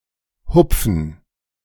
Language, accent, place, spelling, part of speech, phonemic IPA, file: German, Germany, Berlin, hupfen, verb, /ˈhʊpfən/, De-hupfen.ogg
- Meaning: alternative form of hüpfen